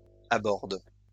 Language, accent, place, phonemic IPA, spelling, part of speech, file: French, France, Lyon, /a.bɔʁd/, abordes, verb, LL-Q150 (fra)-abordes.wav
- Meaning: second-person singular present indicative/subjunctive of aborder